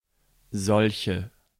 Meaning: inflection of solch: 1. strong/mixed nominative/accusative feminine singular 2. strong nominative/accusative plural 3. weak nominative all-gender singular 4. weak accusative feminine/neuter singular
- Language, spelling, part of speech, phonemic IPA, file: German, solche, pronoun, /ˈzɔlçə/, De-solche.ogg